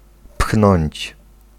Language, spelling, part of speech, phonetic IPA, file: Polish, pchnąć, verb, [pxnɔ̃ɲt͡ɕ], Pl-pchnąć.ogg